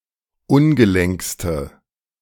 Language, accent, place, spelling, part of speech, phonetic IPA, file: German, Germany, Berlin, ungelenkste, adjective, [ˈʊnɡəˌlɛŋkstə], De-ungelenkste.ogg
- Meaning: inflection of ungelenk: 1. strong/mixed nominative/accusative feminine singular superlative degree 2. strong nominative/accusative plural superlative degree